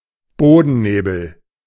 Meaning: ground fog
- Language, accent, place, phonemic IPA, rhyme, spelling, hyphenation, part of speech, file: German, Germany, Berlin, /ˈboːdn̩ˌneːbl̩/, -eːbl̩, Bodennebel, Bo‧den‧ne‧bel, noun, De-Bodennebel.ogg